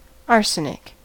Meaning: 1. A toxic grey brittle nonmetallic chemical element (symbol As) with an atomic number of 33 2. A single atom of this element 3. Arsenic trioxide
- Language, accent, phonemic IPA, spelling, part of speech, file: English, US, /ˈɑɹsənɪk/, arsenic, noun, En-us-arsenic.ogg